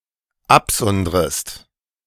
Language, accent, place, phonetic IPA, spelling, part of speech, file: German, Germany, Berlin, [ˈapˌzɔndʁəst], absondrest, verb, De-absondrest.ogg
- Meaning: second-person singular dependent subjunctive I of absondern